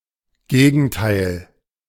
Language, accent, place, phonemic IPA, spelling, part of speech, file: German, Germany, Berlin, /ˈɡeːɡn̩taɪ̯l/, Gegenteil, noun, De-Gegenteil.ogg
- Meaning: opposite (contrary thing)